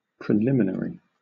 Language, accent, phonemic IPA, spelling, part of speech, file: English, Southern England, /pɹɪˈlɪmɪn(ə)ɹi/, preliminary, adjective / noun, LL-Q1860 (eng)-preliminary.wav
- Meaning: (adjective) In preparation for the main matter; initial, introductory, preparatory; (noun) A preparation for a main matter; an introduction